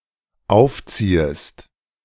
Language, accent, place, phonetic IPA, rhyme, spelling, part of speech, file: German, Germany, Berlin, [ˈaʊ̯fˌt͡siːəst], -aʊ̯ft͡siːəst, aufziehest, verb, De-aufziehest.ogg
- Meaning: second-person singular dependent subjunctive I of aufziehen